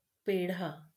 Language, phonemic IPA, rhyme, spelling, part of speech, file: Marathi, /pe.ɖʱa/, -a, पेढा, noun, LL-Q1571 (mar)-पेढा.wav
- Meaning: peda (South Asian sweet)